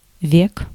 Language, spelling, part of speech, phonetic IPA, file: Russian, век, noun, [vʲek], Ru-век.ogg
- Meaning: 1. century 2. lifetime 3. age, epoch, era, period 4. age 5. genitive plural of ве́ко (véko)